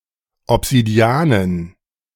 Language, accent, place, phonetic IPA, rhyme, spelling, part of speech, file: German, Germany, Berlin, [ɔpz̥idiˈaːnən], -aːnən, Obsidianen, noun, De-Obsidianen.ogg
- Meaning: dative plural of Obsidian